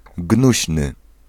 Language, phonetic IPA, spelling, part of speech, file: Polish, [ˈɡnuɕnɨ], gnuśny, adjective, Pl-gnuśny.ogg